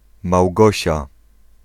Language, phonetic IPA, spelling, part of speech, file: Polish, [mawˈɡɔɕa], Małgosia, proper noun, Pl-Małgosia.ogg